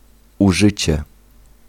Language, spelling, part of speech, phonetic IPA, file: Polish, użycie, noun, [uˈʒɨt͡ɕɛ], Pl-użycie.ogg